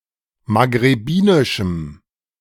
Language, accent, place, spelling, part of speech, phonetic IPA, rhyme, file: German, Germany, Berlin, maghrebinischem, adjective, [maɡʁeˈbiːnɪʃm̩], -iːnɪʃm̩, De-maghrebinischem.ogg
- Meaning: strong dative masculine/neuter singular of maghrebinisch